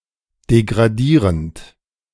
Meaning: present participle of degradieren
- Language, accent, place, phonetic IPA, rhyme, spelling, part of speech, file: German, Germany, Berlin, [deɡʁaˈdiːʁənt], -iːʁənt, degradierend, verb, De-degradierend.ogg